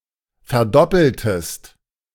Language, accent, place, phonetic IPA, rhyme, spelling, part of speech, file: German, Germany, Berlin, [fɛɐ̯ˈdɔpl̩təst], -ɔpl̩təst, verdoppeltest, verb, De-verdoppeltest.ogg
- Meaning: inflection of verdoppeln: 1. second-person singular preterite 2. second-person singular subjunctive II